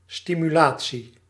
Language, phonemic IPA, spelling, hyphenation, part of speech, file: Dutch, /ˌsti.myˈlaː.(t)si/, stimulatie, sti‧mu‧la‧tie, noun, Nl-stimulatie.ogg
- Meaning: stimulation